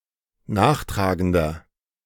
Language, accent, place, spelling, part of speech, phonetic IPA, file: German, Germany, Berlin, nachtragender, adjective, [ˈnaːxˌtʁaːɡəndɐ], De-nachtragender.ogg
- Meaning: 1. comparative degree of nachtragend 2. inflection of nachtragend: strong/mixed nominative masculine singular 3. inflection of nachtragend: strong genitive/dative feminine singular